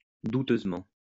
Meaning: doubtfully
- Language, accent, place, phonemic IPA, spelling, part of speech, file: French, France, Lyon, /du.tøz.mɑ̃/, douteusement, adverb, LL-Q150 (fra)-douteusement.wav